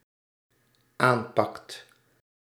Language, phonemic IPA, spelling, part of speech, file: Dutch, /ˈampɑkt/, aanpakt, verb, Nl-aanpakt.ogg
- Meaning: second/third-person singular dependent-clause present indicative of aanpakken